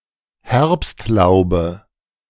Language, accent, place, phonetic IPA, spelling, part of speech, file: German, Germany, Berlin, [ˈhɛʁpstˌlaʊ̯bə], Herbstlaube, noun, De-Herbstlaube.ogg
- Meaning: dative of Herbstlaub